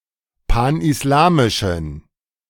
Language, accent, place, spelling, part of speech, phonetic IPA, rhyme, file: German, Germany, Berlin, panislamischen, adjective, [ˌpanʔɪsˈlaːmɪʃn̩], -aːmɪʃn̩, De-panislamischen.ogg
- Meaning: inflection of panislamisch: 1. strong genitive masculine/neuter singular 2. weak/mixed genitive/dative all-gender singular 3. strong/weak/mixed accusative masculine singular 4. strong dative plural